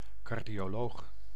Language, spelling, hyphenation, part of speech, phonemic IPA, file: Dutch, cardioloog, car‧dio‧loog, noun, /ˌkɑr.di.oːˈloːx/, Nl-cardioloog.ogg
- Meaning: a cardiologist, a medical specialist in heart diseases